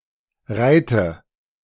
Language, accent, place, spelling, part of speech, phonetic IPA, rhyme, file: German, Germany, Berlin, reite, verb, [ˈʁaɪ̯tə], -aɪ̯tə, De-reite.ogg
- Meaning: inflection of reiten: 1. first-person singular present 2. first/third-person singular subjunctive I